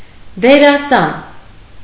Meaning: actor
- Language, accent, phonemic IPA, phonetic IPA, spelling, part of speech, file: Armenian, Eastern Armenian, /deɾɑˈsɑn/, [deɾɑsɑ́n], դերասան, noun, Hy-դերասան.ogg